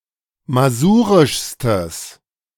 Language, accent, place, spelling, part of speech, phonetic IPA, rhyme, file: German, Germany, Berlin, masurischstes, adjective, [maˈzuːʁɪʃstəs], -uːʁɪʃstəs, De-masurischstes.ogg
- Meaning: strong/mixed nominative/accusative neuter singular superlative degree of masurisch